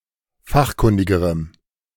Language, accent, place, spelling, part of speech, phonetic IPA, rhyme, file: German, Germany, Berlin, fachkundigerem, adjective, [ˈfaxˌkʊndɪɡəʁəm], -axkʊndɪɡəʁəm, De-fachkundigerem.ogg
- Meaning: strong dative masculine/neuter singular comparative degree of fachkundig